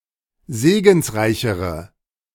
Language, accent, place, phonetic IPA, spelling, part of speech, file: German, Germany, Berlin, [ˈzeːɡn̩sˌʁaɪ̯çəʁə], segensreichere, adjective, De-segensreichere.ogg
- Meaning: inflection of segensreich: 1. strong/mixed nominative/accusative feminine singular comparative degree 2. strong nominative/accusative plural comparative degree